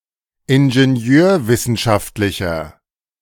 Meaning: inflection of ingenieurwissenschaftlich: 1. strong/mixed nominative masculine singular 2. strong genitive/dative feminine singular 3. strong genitive plural
- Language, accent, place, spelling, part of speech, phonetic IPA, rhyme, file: German, Germany, Berlin, ingenieurwissenschaftlicher, adjective, [ɪnʒeˈni̯øːɐ̯ˌvɪsn̩ʃaftlɪçɐ], -øːɐ̯vɪsn̩ʃaftlɪçɐ, De-ingenieurwissenschaftlicher.ogg